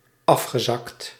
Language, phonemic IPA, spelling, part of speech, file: Dutch, /ˈɑfxəzɑkt/, afgezakt, verb, Nl-afgezakt.ogg
- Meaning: past participle of afzakken